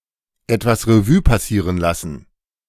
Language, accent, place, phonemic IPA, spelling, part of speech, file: German, Germany, Berlin, /ˌɛtvas ʁeˈvyː paˌsiːʁən ˌlasn̩/, etwas Revue passieren lassen, verb, De-etwas Revue passieren lassen.ogg
- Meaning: to review (some past event) in its entirety